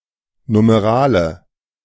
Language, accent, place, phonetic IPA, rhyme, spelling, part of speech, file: German, Germany, Berlin, [numeˈʁaːlə], -aːlə, Numerale, noun, De-Numerale.ogg
- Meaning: numeral, number: 1. sensu stricto: either a cardinal numeral (cardinal number, cardinal) or an ordinal numeral (ordinal number, ordinal) 2. sensu lato (younger): every word which represents a number